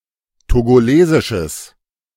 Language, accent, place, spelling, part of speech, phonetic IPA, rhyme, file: German, Germany, Berlin, togolesisches, adjective, [toɡoˈleːzɪʃəs], -eːzɪʃəs, De-togolesisches.ogg
- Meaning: strong/mixed nominative/accusative neuter singular of togolesisch